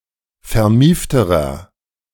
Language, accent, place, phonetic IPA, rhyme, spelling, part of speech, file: German, Germany, Berlin, [fɛɐ̯ˈmiːftəʁɐ], -iːftəʁɐ, vermiefterer, adjective, De-vermiefterer.ogg
- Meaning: inflection of vermieft: 1. strong/mixed nominative masculine singular comparative degree 2. strong genitive/dative feminine singular comparative degree 3. strong genitive plural comparative degree